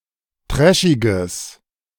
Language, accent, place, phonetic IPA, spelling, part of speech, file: German, Germany, Berlin, [ˈtʁɛʃɪɡəs], trashiges, adjective, De-trashiges.ogg
- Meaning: strong/mixed nominative/accusative neuter singular of trashig